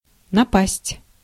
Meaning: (noun) misfortune, bad luck, trouble; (verb) 1. to attack, to fall on, to assault, to descend (on) 2. to come across, to come upon, to hit on 3. to come (over), to grip, to seize, to overcome
- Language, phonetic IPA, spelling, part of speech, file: Russian, [nɐˈpasʲtʲ], напасть, noun / verb, Ru-напасть.ogg